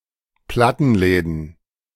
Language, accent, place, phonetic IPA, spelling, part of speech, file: German, Germany, Berlin, [ˈplatn̩ˌlɛːdn̩], Plattenläden, noun, De-Plattenläden.ogg
- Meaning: plural of Plattenladen